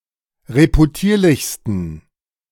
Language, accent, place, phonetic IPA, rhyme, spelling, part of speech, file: German, Germany, Berlin, [ʁepuˈtiːɐ̯lɪçstn̩], -iːɐ̯lɪçstn̩, reputierlichsten, adjective, De-reputierlichsten.ogg
- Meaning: 1. superlative degree of reputierlich 2. inflection of reputierlich: strong genitive masculine/neuter singular superlative degree